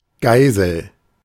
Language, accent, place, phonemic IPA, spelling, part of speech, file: German, Germany, Berlin, /ˈɡaɪ̯zəl/, Geisel, noun / proper noun, De-Geisel.ogg
- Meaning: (noun) 1. hostage 2. Obsolete form (now misspelling) of Geißel (“scourge”); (proper noun) 1. a river in Saxony-Anhalt, Germany 2. a surname